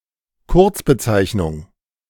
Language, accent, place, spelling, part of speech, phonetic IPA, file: German, Germany, Berlin, Kurzbezeichnung, noun, [ˈkʊʁt͡sbəˌt͡saɪ̯çnʊŋ], De-Kurzbezeichnung.ogg
- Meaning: 1. abbreviation 2. abbreviated name; nickname